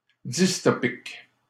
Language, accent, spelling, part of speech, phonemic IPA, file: French, Canada, dystopique, adjective, /dis.tɔ.pik/, LL-Q150 (fra)-dystopique.wav
- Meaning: dystopian